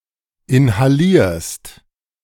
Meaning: second-person singular present of inhalieren
- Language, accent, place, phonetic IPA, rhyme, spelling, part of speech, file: German, Germany, Berlin, [ɪnhaˈliːɐ̯st], -iːɐ̯st, inhalierst, verb, De-inhalierst.ogg